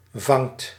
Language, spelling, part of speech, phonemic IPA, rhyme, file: Dutch, vangt, verb, /vɑŋt/, -ɑŋt, Nl-vangt.ogg
- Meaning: inflection of vangen: 1. second/third-person singular present indicative 2. plural imperative